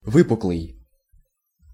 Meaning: 1. convex (curved or bowed outward like the outside of a bowl or sphere or circle) 2. gibbous
- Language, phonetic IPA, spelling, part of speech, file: Russian, [ˈvɨpʊkɫɨj], выпуклый, adjective, Ru-выпуклый.ogg